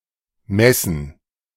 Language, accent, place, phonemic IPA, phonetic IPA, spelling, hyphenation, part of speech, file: German, Germany, Berlin, /ˈmɛsən/, [ˈmɛsn̩], Messen, Mes‧sen, noun, De-Messen.ogg
- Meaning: 1. gerund of messen 2. plural of Messe